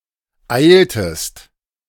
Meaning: inflection of eilen: 1. second-person singular preterite 2. second-person singular subjunctive II
- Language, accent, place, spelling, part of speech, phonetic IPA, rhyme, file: German, Germany, Berlin, eiltest, verb, [ˈaɪ̯ltəst], -aɪ̯ltəst, De-eiltest.ogg